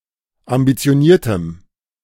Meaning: strong dative masculine/neuter singular of ambitioniert
- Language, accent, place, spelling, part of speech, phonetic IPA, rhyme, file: German, Germany, Berlin, ambitioniertem, adjective, [ambit͡si̯oˈniːɐ̯təm], -iːɐ̯təm, De-ambitioniertem.ogg